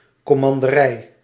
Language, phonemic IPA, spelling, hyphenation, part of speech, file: Dutch, /kɔ.mɑn.dəˈrɛi̯/, commanderij, com‧man‧de‧rij, noun, Nl-commanderij.ogg
- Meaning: commandery, the area or office controlled by the commander of a military order